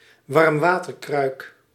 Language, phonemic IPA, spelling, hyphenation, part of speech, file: Dutch, /ʋɑrmˈʋaː.tərˌkrœy̯k/, warmwaterkruik, warm‧wa‧ter‧kruik, noun, Nl-warmwaterkruik.ogg
- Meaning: hot water bottle